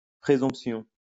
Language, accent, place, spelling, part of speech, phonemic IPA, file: French, France, Lyon, présomption, noun, /pʁe.zɔ̃p.sjɔ̃/, LL-Q150 (fra)-présomption.wav
- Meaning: presumption, supposition